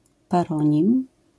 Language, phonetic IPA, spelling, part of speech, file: Polish, [paˈrɔ̃ɲĩm], paronim, noun, LL-Q809 (pol)-paronim.wav